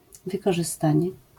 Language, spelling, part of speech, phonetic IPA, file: Polish, wykorzystanie, noun, [ˌvɨkɔʒɨˈstãɲɛ], LL-Q809 (pol)-wykorzystanie.wav